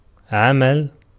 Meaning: 1. verbal noun of عَمِلَ (ʕamila) (form I) 2. action, act, deed 3. work, business 4. government
- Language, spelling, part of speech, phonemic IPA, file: Arabic, عمل, noun, /ʕa.mal/, Ar-عمل.ogg